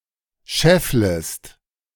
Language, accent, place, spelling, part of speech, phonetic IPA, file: German, Germany, Berlin, schefflest, verb, [ˈʃɛfləst], De-schefflest.ogg
- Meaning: second-person singular subjunctive I of scheffeln